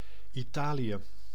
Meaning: Italy (a country in Southern Europe)
- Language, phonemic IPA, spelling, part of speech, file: Dutch, /iˈtaːlijə/, Italië, proper noun, Nl-Italië.ogg